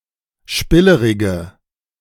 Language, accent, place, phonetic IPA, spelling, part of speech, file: German, Germany, Berlin, [ˈʃpɪləʁɪɡə], spillerige, adjective, De-spillerige.ogg
- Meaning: inflection of spillerig: 1. strong/mixed nominative/accusative feminine singular 2. strong nominative/accusative plural 3. weak nominative all-gender singular